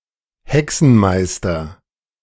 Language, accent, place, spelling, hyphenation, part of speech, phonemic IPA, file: German, Germany, Berlin, Hexenmeister, He‧xen‧meis‧ter, noun, /ˈhɛksn̩ˌmaɪ̯stɐ/, De-Hexenmeister.ogg
- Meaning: wizard